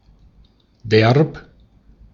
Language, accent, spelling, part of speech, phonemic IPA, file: German, Austria, derb, adjective / adverb, /dɛʁp/, De-at-derb.ogg
- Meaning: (adjective) 1. rough, coarse, rude 2. sturdy, tough 3. pertaining to a manner of intercourse that is wittingly aggressive, purposefully unrefined – cocky, cheeky, flippant, brazen 4. cool, very good